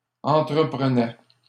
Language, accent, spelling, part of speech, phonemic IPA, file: French, Canada, entreprenais, verb, /ɑ̃.tʁə.pʁə.nɛ/, LL-Q150 (fra)-entreprenais.wav
- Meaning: first/second-person singular imperfect indicative of entreprendre